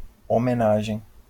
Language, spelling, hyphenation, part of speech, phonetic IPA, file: Portuguese, homenagem, ho‧me‧na‧gem, noun, [o.meˈna.ʒẽɪ̯̃], LL-Q5146 (por)-homenagem.wav
- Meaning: 1. homage (in feudalism, the formal oath of a vassal to his or her lord) 2. homage (demonstration of respect)